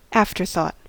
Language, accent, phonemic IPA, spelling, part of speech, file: English, US, /ˈæft.ɚ.θɔt/, afterthought, noun / verb, En-us-afterthought.ogg
- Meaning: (noun) 1. A reflection after an act; a later or subsequent thought, action, or expedient 2. Something additional to the original plan or concept; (verb) To expound as an afterthought